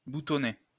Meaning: past participle of boutonner
- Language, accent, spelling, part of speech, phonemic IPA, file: French, France, boutonné, verb, /bu.tɔ.ne/, LL-Q150 (fra)-boutonné.wav